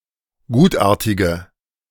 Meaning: inflection of gutartig: 1. strong/mixed nominative/accusative feminine singular 2. strong nominative/accusative plural 3. weak nominative all-gender singular
- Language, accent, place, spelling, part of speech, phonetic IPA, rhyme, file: German, Germany, Berlin, gutartige, adjective, [ˈɡuːtˌʔaːɐ̯tɪɡə], -uːtʔaːɐ̯tɪɡə, De-gutartige.ogg